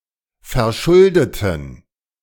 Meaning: inflection of verschuldet: 1. strong genitive masculine/neuter singular 2. weak/mixed genitive/dative all-gender singular 3. strong/weak/mixed accusative masculine singular 4. strong dative plural
- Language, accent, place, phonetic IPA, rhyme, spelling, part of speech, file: German, Germany, Berlin, [fɛɐ̯ˈʃʊldətn̩], -ʊldətn̩, verschuldeten, adjective / verb, De-verschuldeten.ogg